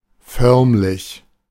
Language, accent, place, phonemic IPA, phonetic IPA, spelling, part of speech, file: German, Germany, Berlin, /ˈfœʁmlɪç/, [ˈfœɐ̯mlɪç], förmlich, adjective / adverb, De-förmlich.ogg
- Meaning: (adjective) formal, ceremonial, official; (adverb) downright